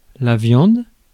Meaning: 1. meat 2. food 3. an object of sexual desire; a piece of meat
- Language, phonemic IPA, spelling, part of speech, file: French, /vjɑ̃d/, viande, noun, Fr-viande.ogg